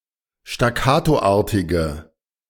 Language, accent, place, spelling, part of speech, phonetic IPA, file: German, Germany, Berlin, staccatoartige, adjective, [ʃtaˈkaːtoˌʔaːɐ̯tɪɡə], De-staccatoartige.ogg
- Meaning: inflection of staccatoartig: 1. strong/mixed nominative/accusative feminine singular 2. strong nominative/accusative plural 3. weak nominative all-gender singular